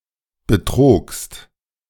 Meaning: second-person singular preterite of betrügen
- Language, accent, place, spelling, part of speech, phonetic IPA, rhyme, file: German, Germany, Berlin, betrogst, verb, [bəˈtʁoːkst], -oːkst, De-betrogst.ogg